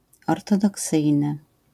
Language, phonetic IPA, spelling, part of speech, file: Polish, [ˌɔrtɔdɔˈksɨjnɨ], ortodoksyjny, adjective, LL-Q809 (pol)-ortodoksyjny.wav